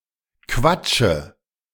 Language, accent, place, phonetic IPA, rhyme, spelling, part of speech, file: German, Germany, Berlin, [ˈkvat͡ʃə], -at͡ʃə, Quatsche, noun, De-Quatsche.ogg
- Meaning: dative of Quatsch